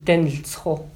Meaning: it is light orange
- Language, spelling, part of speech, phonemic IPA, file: Navajo, diniltsxo, verb, /tɪ̀nɪ̀lt͡sʰxò/, Nv-diniltsxo.mp3